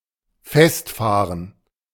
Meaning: 1. to get stuck 2. to bog down
- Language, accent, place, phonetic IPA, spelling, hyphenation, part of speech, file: German, Germany, Berlin, [ˈfɛstˌfaːʁən], festfahren, fest‧fah‧ren, verb, De-festfahren.ogg